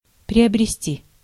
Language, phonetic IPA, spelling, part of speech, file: Russian, [prʲɪəbrʲɪˈsʲtʲi], приобрести, verb, Ru-приобрести.ogg
- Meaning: 1. to acquire, to gain 2. to purchase